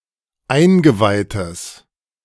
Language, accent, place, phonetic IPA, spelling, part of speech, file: German, Germany, Berlin, [ˈaɪ̯nɡəˌvaɪ̯təs], eingeweihtes, adjective, De-eingeweihtes.ogg
- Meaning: strong/mixed nominative/accusative neuter singular of eingeweiht